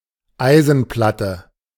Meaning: iron plate
- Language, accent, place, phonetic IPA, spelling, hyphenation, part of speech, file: German, Germany, Berlin, [ˈaɪ̯zn̩ˌplatə], Eisenplatte, Ei‧sen‧plat‧te, noun, De-Eisenplatte.ogg